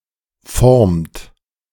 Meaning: inflection of formen: 1. first-person singular present indicative 2. second-person plural present indicative
- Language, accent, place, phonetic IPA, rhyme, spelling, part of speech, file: German, Germany, Berlin, [fɔʁmt], -ɔʁmt, formt, verb, De-formt.ogg